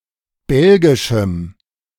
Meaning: strong dative masculine/neuter singular of belgisch
- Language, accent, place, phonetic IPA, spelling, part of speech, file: German, Germany, Berlin, [ˈbɛlɡɪʃm̩], belgischem, adjective, De-belgischem.ogg